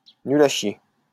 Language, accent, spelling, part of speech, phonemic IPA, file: French, France, nul à chier, adjective, /ny.l‿a ʃje/, LL-Q150 (fra)-nul à chier.wav
- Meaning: dogshit (completely worthless)